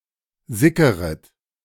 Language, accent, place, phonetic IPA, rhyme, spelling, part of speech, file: German, Germany, Berlin, [ˈzɪkəʁət], -ɪkəʁət, sickeret, verb, De-sickeret.ogg
- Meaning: second-person plural subjunctive I of sickern